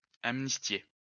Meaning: to amnesty
- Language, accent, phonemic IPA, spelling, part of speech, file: French, France, /am.nis.tje/, amnistier, verb, LL-Q150 (fra)-amnistier.wav